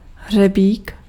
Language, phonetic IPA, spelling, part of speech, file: Czech, [ˈɦr̝ɛbiːk], hřebík, noun, Cs-hřebík.ogg
- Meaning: nail (metal fastener)